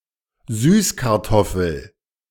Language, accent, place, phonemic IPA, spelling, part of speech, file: German, Germany, Berlin, /ˈzyːsˌkaʁtɔfl̩/, Süßkartoffel, noun, De-Süßkartoffel.ogg
- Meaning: sweet potato (vine; tuber)